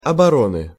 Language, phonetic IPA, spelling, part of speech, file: Russian, [ɐbɐˈronɨ], обороны, noun, Ru-обороны.ogg
- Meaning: inflection of оборо́на (oboróna): 1. genitive singular 2. nominative/accusative plural